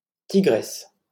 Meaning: 1. female equivalent of tigre (“tiger”): tigress 2. a fierce, brave, or passionate woman
- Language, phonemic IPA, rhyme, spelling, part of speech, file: French, /ti.ɡʁɛs/, -ɛs, tigresse, noun, LL-Q150 (fra)-tigresse.wav